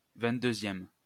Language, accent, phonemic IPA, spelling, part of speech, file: French, France, /vɛ̃t.dø.zjɛm/, vingt-deuxième, adjective / noun, LL-Q150 (fra)-vingt-deuxième.wav
- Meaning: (adjective) twenty-second